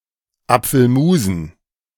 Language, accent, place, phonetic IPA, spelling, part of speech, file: German, Germany, Berlin, [ˈap͡fl̩ˌmuːzn̩], Apfelmusen, noun, De-Apfelmusen.ogg
- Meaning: dative plural of Apfelmus